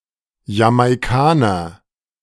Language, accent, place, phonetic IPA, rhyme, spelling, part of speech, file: German, Germany, Berlin, [jamaɪ̯ˈkaːnɐ], -aːnɐ, Jamaikaner, noun, De-Jamaikaner.ogg
- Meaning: Jamaican